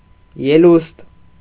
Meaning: projection, salience; protuberance; ledge
- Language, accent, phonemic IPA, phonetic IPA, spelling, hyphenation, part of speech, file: Armenian, Eastern Armenian, /jeˈlust/, [jelúst], ելուստ, ե‧լուստ, noun, Hy-ելուստ.ogg